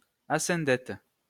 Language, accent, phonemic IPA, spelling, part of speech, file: French, France, /a.sɛ̃.dɛt/, asyndète, noun, LL-Q150 (fra)-asyndète.wav
- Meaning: asyndeton